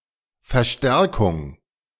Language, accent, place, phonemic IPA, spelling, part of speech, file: German, Germany, Berlin, /fɛɐ̯ˈʃtɛʁkʊŋ/, Verstärkung, noun, De-Verstärkung.ogg
- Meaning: 1. reinforcement 2. amplification 3. reinforcements (additional troops or materiel sent to support an action)